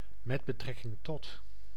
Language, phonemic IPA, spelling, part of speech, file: Dutch, /ˌmɛdbəˈtrɛkɪŋˌtɔt/, met betrekking tot, preposition, Nl-met betrekking tot.ogg
- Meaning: concerning